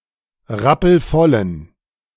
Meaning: inflection of rappelvoll: 1. strong genitive masculine/neuter singular 2. weak/mixed genitive/dative all-gender singular 3. strong/weak/mixed accusative masculine singular 4. strong dative plural
- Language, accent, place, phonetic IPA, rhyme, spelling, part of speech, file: German, Germany, Berlin, [ˈʁapl̩ˈfɔlən], -ɔlən, rappelvollen, adjective, De-rappelvollen.ogg